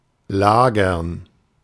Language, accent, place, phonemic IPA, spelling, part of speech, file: German, Germany, Berlin, /ˈlaːɡɐn/, lagern, verb, De-lagern.ogg
- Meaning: 1. to leave something somewhere, to store, to deposit 2. to sit or lay down and rest 3. to be stored (in some location)